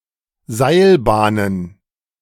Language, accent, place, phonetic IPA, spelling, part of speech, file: German, Germany, Berlin, [ˈzaɪ̯lˌbaːnən], Seilbahnen, noun, De-Seilbahnen.ogg
- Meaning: plural of Seilbahn